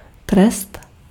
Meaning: punishment, penalty, sentence
- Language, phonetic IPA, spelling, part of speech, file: Czech, [ˈtrɛst], trest, noun, Cs-trest.ogg